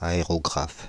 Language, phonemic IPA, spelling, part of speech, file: French, /a.e.ʁɔ.ɡʁaf/, aérographe, noun, Fr-aérographe.ogg
- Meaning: airbrush